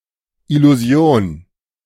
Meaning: illusion
- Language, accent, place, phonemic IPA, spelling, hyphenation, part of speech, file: German, Germany, Berlin, /ɪluˈzi̯oːn/, Illusion, Il‧lu‧si‧on, noun, De-Illusion.ogg